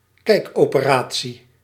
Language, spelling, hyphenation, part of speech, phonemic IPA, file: Dutch, kijkoperatie, kijk‧ope‧ra‧tie, noun, /ˈkɛi̯k.oː.pəˌraː.(t)si/, Nl-kijkoperatie.ogg
- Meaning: a keyhole surgery